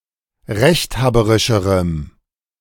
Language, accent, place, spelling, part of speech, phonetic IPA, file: German, Germany, Berlin, rechthaberischerem, adjective, [ˈʁɛçtˌhaːbəʁɪʃəʁəm], De-rechthaberischerem.ogg
- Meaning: strong dative masculine/neuter singular comparative degree of rechthaberisch